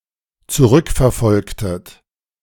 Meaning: inflection of zurückverfolgen: 1. second-person plural dependent preterite 2. second-person plural dependent subjunctive II
- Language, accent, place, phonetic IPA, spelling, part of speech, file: German, Germany, Berlin, [t͡suˈʁʏkfɛɐ̯ˌfɔlktət], zurückverfolgtet, verb, De-zurückverfolgtet.ogg